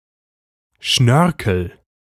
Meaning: 1. curlicue 2. embellishment
- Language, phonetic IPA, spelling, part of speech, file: German, [ˈʃnœʁkl̩], Schnörkel, noun, De-Schnörkel.ogg